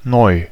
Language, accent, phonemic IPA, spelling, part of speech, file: German, Germany, /nɔʏ̯/, neu, adjective, De-neu.ogg
- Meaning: 1. new 2. modern, recent, latest